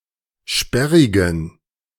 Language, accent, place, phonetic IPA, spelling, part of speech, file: German, Germany, Berlin, [ˈʃpɛʁɪɡn̩], sperrigen, adjective, De-sperrigen.ogg
- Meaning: inflection of sperrig: 1. strong genitive masculine/neuter singular 2. weak/mixed genitive/dative all-gender singular 3. strong/weak/mixed accusative masculine singular 4. strong dative plural